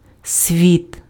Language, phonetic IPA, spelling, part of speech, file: Ukrainian, [sʲʋʲit], світ, noun, Uk-світ.ogg
- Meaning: 1. world 2. universe 3. light